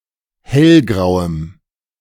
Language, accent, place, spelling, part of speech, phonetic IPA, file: German, Germany, Berlin, hellgrauem, adjective, [ˈhɛlˌɡʁaʊ̯əm], De-hellgrauem.ogg
- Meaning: strong dative masculine/neuter singular of hellgrau